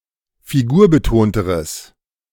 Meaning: strong/mixed nominative/accusative neuter singular comparative degree of figurbetont
- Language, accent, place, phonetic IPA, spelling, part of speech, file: German, Germany, Berlin, [fiˈɡuːɐ̯bəˌtoːntəʁəs], figurbetonteres, adjective, De-figurbetonteres.ogg